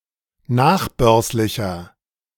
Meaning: inflection of nachbörslich: 1. strong/mixed nominative masculine singular 2. strong genitive/dative feminine singular 3. strong genitive plural
- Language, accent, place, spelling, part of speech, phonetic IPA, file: German, Germany, Berlin, nachbörslicher, adjective, [ˈnaːxˌbœʁslɪçɐ], De-nachbörslicher.ogg